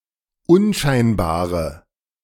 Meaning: inflection of unscheinbar: 1. strong/mixed nominative/accusative feminine singular 2. strong nominative/accusative plural 3. weak nominative all-gender singular
- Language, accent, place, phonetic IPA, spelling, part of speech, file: German, Germany, Berlin, [ˈʊnˌʃaɪ̯nbaːʁə], unscheinbare, adjective, De-unscheinbare.ogg